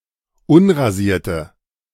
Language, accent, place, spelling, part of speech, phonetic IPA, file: German, Germany, Berlin, unrasierte, adjective, [ˈʊnʁaˌziːɐ̯tə], De-unrasierte.ogg
- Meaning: inflection of unrasiert: 1. strong/mixed nominative/accusative feminine singular 2. strong nominative/accusative plural 3. weak nominative all-gender singular